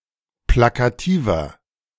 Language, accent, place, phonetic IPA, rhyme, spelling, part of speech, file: German, Germany, Berlin, [ˌplakaˈtiːvɐ], -iːvɐ, plakativer, adjective, De-plakativer.ogg
- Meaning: 1. comparative degree of plakativ 2. inflection of plakativ: strong/mixed nominative masculine singular 3. inflection of plakativ: strong genitive/dative feminine singular